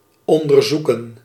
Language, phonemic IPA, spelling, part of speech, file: Dutch, /ɔndərˈzukə(n)/, onderzoeken, verb, Nl-onderzoeken.ogg
- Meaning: 1. to investigate 2. to (do) research